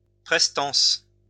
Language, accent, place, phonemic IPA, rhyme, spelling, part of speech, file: French, France, Lyon, /pʁɛs.tɑ̃s/, -ɑ̃s, prestance, noun, LL-Q150 (fra)-prestance.wav
- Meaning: presence (imposing bearing)